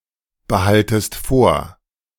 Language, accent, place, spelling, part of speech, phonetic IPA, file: German, Germany, Berlin, behaltest vor, verb, [bəˌhaltəst ˈfoːɐ̯], De-behaltest vor.ogg
- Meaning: second-person singular subjunctive I of vorbehalten